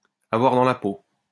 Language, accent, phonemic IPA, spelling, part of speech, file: French, France, /a.vwaʁ dɑ̃ la po/, avoir dans la peau, verb, LL-Q150 (fra)-avoir dans la peau.wav
- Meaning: 1. to be infatuated with someone; to have a crush on someone 2. to have an innate ability in something, to be naturally gifted for something